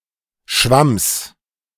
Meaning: genitive singular of Schwamm
- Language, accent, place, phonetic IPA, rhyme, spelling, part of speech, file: German, Germany, Berlin, [ʃvams], -ams, Schwamms, noun, De-Schwamms.ogg